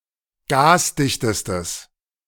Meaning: strong/mixed nominative/accusative neuter singular superlative degree of gasdicht
- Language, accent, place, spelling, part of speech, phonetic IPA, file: German, Germany, Berlin, gasdichtestes, adjective, [ˈɡaːsˌdɪçtəstəs], De-gasdichtestes.ogg